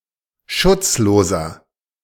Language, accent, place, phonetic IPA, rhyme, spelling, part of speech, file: German, Germany, Berlin, [ˈʃʊt͡sˌloːzɐ], -ʊt͡sloːzɐ, schutzloser, adjective, De-schutzloser.ogg
- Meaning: 1. comparative degree of schutzlos 2. inflection of schutzlos: strong/mixed nominative masculine singular 3. inflection of schutzlos: strong genitive/dative feminine singular